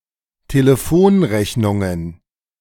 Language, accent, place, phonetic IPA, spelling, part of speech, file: German, Germany, Berlin, [teləˈfoːnˌʁɛçnʊŋən], Telefonrechnungen, noun, De-Telefonrechnungen.ogg
- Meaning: plural of Telefonrechnung